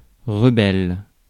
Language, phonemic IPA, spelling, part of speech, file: French, /ʁə.bɛl/, rebelle, adjective / noun / verb, Fr-rebelle.ogg
- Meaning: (adjective) rebellious; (noun) rebel; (verb) inflection of rebeller: 1. first/third-person singular present indicative/subjunctive 2. second-person singular imperative